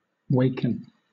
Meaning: 1. To wake or rouse from sleep 2. To awaken; to cease to sleep; to be awakened; to stir
- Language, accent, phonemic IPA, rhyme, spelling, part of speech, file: English, Southern England, /ˈweɪkən/, -eɪkən, waken, verb, LL-Q1860 (eng)-waken.wav